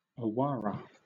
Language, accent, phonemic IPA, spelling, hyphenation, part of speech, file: English, Southern England, /əˈwɑːɹə/, awara, awa‧ra, noun, LL-Q1860 (eng)-awara.wav
- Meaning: The palm tree Astrocaryum vulgare which is native to the Amazon Rainforest region